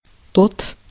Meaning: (determiner) 1. that, those (distal to an observer) 2. that, those (already being talked about)
- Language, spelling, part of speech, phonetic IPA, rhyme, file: Russian, тот, determiner / pronoun, [tot], -ot, Ru-тот.ogg